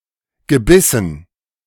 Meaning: dative plural of Gebiss
- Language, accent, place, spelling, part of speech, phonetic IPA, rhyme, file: German, Germany, Berlin, Gebissen, noun, [ɡəˈbɪsn̩], -ɪsn̩, De-Gebissen.ogg